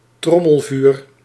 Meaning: drumfire
- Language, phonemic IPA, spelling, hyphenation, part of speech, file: Dutch, /ˈtrɔ.məlˌvyːr/, trommelvuur, trom‧mel‧vuur, noun, Nl-trommelvuur.ogg